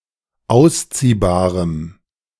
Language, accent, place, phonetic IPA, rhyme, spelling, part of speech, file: German, Germany, Berlin, [ˈaʊ̯sˌt͡siːbaːʁəm], -aʊ̯st͡siːbaːʁəm, ausziehbarem, adjective, De-ausziehbarem.ogg
- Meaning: strong dative masculine/neuter singular of ausziehbar